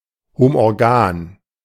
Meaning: homorganic
- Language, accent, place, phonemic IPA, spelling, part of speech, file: German, Germany, Berlin, /homʔɔʁˈɡaːn/, homorgan, adjective, De-homorgan.ogg